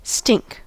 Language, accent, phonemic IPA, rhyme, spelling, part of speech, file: English, US, /stɪŋk/, -ɪŋk, stink, verb / noun / adjective, En-us-stink.ogg
- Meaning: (verb) 1. To have a strong bad smell 2. To be greatly inferior; to perform badly 3. To give an impression of dishonesty, untruth, or sin 4. To cause to stink; to affect by a stink